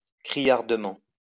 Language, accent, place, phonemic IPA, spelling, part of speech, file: French, France, Lyon, /kʁi.jaʁ.də.mɑ̃/, criardement, adverb, LL-Q150 (fra)-criardement.wav
- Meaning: 1. shrilly 2. garishly